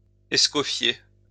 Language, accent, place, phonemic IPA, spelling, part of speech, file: French, France, Lyon, /ɛs.kɔ.fje/, escofier, verb, LL-Q150 (fra)-escofier.wav
- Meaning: alternative form of escoffier